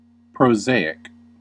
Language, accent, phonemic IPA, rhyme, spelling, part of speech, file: English, US, /pɹoʊˈzeɪ.ɪk/, -eɪɪk, prosaic, adjective, En-us-prosaic.ogg
- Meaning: 1. Pertaining to or having the characteristics of prose 2. Straightforward; matter-of-fact; lacking the feeling or elegance of poetry